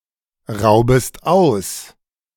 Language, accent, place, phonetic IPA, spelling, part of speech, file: German, Germany, Berlin, [ˌʁaʊ̯bəst ˈaʊ̯s], raubest aus, verb, De-raubest aus.ogg
- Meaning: second-person singular subjunctive I of ausrauben